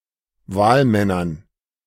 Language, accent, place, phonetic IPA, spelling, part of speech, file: German, Germany, Berlin, [ˈvaːlˌmɛnɐn], Wahlmännern, noun, De-Wahlmännern.ogg
- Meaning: dative plural of Wahlmann